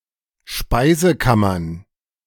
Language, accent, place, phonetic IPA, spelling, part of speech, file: German, Germany, Berlin, [ˈʃpaɪ̯zəˌkamɐn], Speisekammern, noun, De-Speisekammern.ogg
- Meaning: plural of Speisekammer